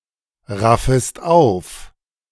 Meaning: second-person singular subjunctive I of aufraffen
- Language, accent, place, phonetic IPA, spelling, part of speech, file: German, Germany, Berlin, [ˌʁafəst ˈaʊ̯f], raffest auf, verb, De-raffest auf.ogg